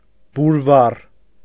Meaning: censer
- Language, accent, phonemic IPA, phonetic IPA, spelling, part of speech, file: Armenian, Eastern Armenian, /buɾˈvɑr/, [buɾvɑ́r], բուրվառ, noun, Hy-բուրվառ.ogg